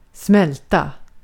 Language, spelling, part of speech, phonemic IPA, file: Swedish, smälta, noun / verb, /²smɛlta/, Sv-smälta.ogg
- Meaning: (noun) melt; molten material; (verb) 1. to melt; to thaw (become liquified) 2. to melt (make liquified) 3. to digest (food) 4. to process, to digest (take in, mentally, and often come to terms with)